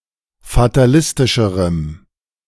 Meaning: strong dative masculine/neuter singular comparative degree of fatalistisch
- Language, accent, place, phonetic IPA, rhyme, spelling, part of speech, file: German, Germany, Berlin, [fataˈlɪstɪʃəʁəm], -ɪstɪʃəʁəm, fatalistischerem, adjective, De-fatalistischerem.ogg